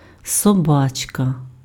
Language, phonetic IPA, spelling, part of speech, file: Ukrainian, [sɔˈbat͡ʃkɐ], собачка, noun, Uk-собачка.ogg
- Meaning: 1. diminutive of соба́ка (sobáka): puppy 2. diminutive of соба́ка (sobáka): doggy 3. Blennius (genus of combtooth blenny in the family Blenniidae) 4. trigger (lever used to activate a firearm)